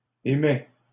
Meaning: inflection of émettre: 1. first/second-person singular present indicative 2. second-person singular imperative
- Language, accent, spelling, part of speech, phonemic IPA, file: French, Canada, émets, verb, /e.mɛ/, LL-Q150 (fra)-émets.wav